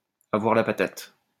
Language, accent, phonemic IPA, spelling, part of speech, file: French, France, /a.vwaʁ la pa.tat/, avoir la patate, verb, LL-Q150 (fra)-avoir la patate.wav
- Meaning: to feel great, to be in great form, to be full of beans, to feel one's oats